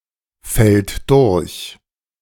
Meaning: third-person singular present of durchfallen
- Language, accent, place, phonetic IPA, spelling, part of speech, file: German, Germany, Berlin, [fɛlt ˈdʊʁç], fällt durch, verb, De-fällt durch.ogg